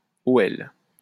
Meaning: initialism of Olympique Lyonnais (a soccer team from the French town of Lyons)
- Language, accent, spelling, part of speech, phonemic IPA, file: French, France, OL, proper noun, /o.ɛl/, LL-Q150 (fra)-OL.wav